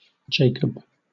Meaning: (proper noun) A male given name from Hebrew
- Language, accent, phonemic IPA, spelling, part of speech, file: English, Southern England, /ˈd͡ʒeɪkəb/, Jacob, proper noun / noun, LL-Q1860 (eng)-Jacob.wav